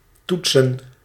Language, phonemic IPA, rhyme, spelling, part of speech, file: Dutch, /ˈtut.sən/, -utsən, toetsen, verb / noun, Nl-toetsen.ogg
- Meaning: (verb) 1. to put to the test, to examine, assess 2. to try, attempt; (noun) plural of toets